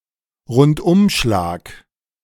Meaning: sweeping blow
- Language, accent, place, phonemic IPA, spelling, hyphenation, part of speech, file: German, Germany, Berlin, /ʁʊntˈ.ʊmʃlaːk/, Rundumschlag, Rund‧um‧schlag, noun, De-Rundumschlag.ogg